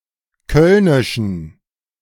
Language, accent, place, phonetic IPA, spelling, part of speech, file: German, Germany, Berlin, [ˈkœlnɪʃn̩], kölnischen, adjective, De-kölnischen.ogg
- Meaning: inflection of kölnisch: 1. strong genitive masculine/neuter singular 2. weak/mixed genitive/dative all-gender singular 3. strong/weak/mixed accusative masculine singular 4. strong dative plural